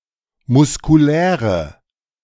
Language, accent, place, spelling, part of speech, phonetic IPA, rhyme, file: German, Germany, Berlin, muskuläre, adjective, [mʊskuˈlɛːʁə], -ɛːʁə, De-muskuläre.ogg
- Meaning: inflection of muskulär: 1. strong/mixed nominative/accusative feminine singular 2. strong nominative/accusative plural 3. weak nominative all-gender singular